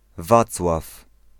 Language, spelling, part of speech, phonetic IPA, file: Polish, Wacław, proper noun, [ˈvat͡swaf], Pl-Wacław.ogg